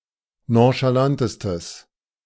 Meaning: strong/mixed nominative/accusative neuter singular superlative degree of nonchalant
- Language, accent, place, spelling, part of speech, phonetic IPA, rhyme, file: German, Germany, Berlin, nonchalantestes, adjective, [ˌnõʃaˈlantəstəs], -antəstəs, De-nonchalantestes.ogg